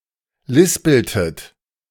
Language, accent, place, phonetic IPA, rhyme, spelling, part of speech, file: German, Germany, Berlin, [ˈlɪspl̩tət], -ɪspl̩tət, lispeltet, verb, De-lispeltet.ogg
- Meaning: inflection of lispeln: 1. second-person plural preterite 2. second-person plural subjunctive II